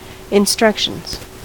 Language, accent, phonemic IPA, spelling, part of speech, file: English, US, /ɪnˈstɹʌkʃənz/, instructions, noun, En-us-instructions.ogg
- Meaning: plural of instruction